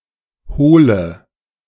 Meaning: inflection of hohl: 1. strong/mixed nominative/accusative feminine singular 2. strong nominative/accusative plural 3. weak nominative all-gender singular 4. weak accusative feminine/neuter singular
- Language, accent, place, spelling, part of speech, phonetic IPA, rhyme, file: German, Germany, Berlin, hohle, adjective, [ˈhoːlə], -oːlə, De-hohle.ogg